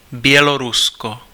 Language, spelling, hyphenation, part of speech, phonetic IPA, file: Czech, Bělorusko, Bě‧lo‧ru‧s‧ko, proper noun, [ˈbjɛlorusko], Cs-Bělorusko.ogg
- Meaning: Belarus (a country in Eastern Europe; official name: Běloruská republika)